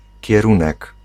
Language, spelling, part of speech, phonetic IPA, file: Polish, kierunek, noun, [cɛˈrũnɛk], Pl-kierunek.ogg